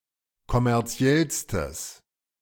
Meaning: strong/mixed nominative/accusative neuter singular superlative degree of kommerziell
- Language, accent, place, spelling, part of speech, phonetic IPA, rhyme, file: German, Germany, Berlin, kommerziellstes, adjective, [kɔmɛʁˈt͡si̯ɛlstəs], -ɛlstəs, De-kommerziellstes.ogg